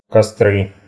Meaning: nominative/accusative plural of костёр (kostjór)
- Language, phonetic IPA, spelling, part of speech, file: Russian, [kɐˈstrɨ], костры, noun, Ru-костры.ogg